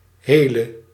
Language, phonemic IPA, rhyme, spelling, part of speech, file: Dutch, /ˈɦeː.lə/, -eːlə, hele, adverb / adjective / verb, Nl-hele.ogg
- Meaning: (adverb) alternative form of heel; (adjective) inflection of heel: 1. masculine/feminine singular attributive 2. definite neuter singular attributive 3. plural attributive